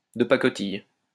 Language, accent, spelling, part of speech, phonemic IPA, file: French, France, de pacotille, adjective, /də pa.kɔ.tij/, LL-Q150 (fra)-de pacotille.wav
- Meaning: tacky, ticky-tacky, cheap, shoddy, rubbishy, tin-pot, junk, worthless